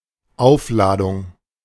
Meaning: 1. charge (electric etc) 2. charging
- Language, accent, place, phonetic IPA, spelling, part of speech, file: German, Germany, Berlin, [ˈaʊ̯fˌlaːdʊŋ], Aufladung, noun, De-Aufladung.ogg